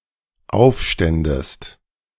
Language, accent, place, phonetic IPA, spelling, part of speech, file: German, Germany, Berlin, [ˈaʊ̯fˌʃtɛndəst], aufständest, verb, De-aufständest.ogg
- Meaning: second-person singular dependent subjunctive II of aufstehen